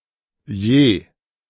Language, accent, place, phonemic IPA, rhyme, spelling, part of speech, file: German, Germany, Berlin, /jeː/, -eː, je, adverb, De-je.ogg
- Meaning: 1. ever 2. per 3. the